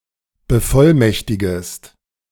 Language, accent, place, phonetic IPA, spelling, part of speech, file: German, Germany, Berlin, [bəˈfɔlˌmɛçtɪɡəst], bevollmächtigest, verb, De-bevollmächtigest.ogg
- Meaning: second-person singular subjunctive I of bevollmächtigen